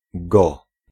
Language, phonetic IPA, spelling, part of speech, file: Polish, [ɡɔ], go, noun / pronoun, Pl-go.ogg